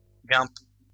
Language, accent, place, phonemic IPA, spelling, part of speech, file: French, France, Lyon, /ɡɛ̃p/, guimpe, noun, LL-Q150 (fra)-guimpe.wav
- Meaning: 1. wimple 2. chemisette (UK), dickey (US)